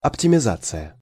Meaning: optimization
- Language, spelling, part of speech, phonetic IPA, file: Russian, оптимизация, noun, [ɐptʲɪmʲɪˈzat͡sɨjə], Ru-оптимизация.ogg